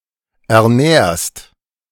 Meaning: second-person singular present of ernähren
- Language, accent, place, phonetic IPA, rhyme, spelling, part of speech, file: German, Germany, Berlin, [ɛɐ̯ˈnɛːɐ̯st], -ɛːɐ̯st, ernährst, verb, De-ernährst.ogg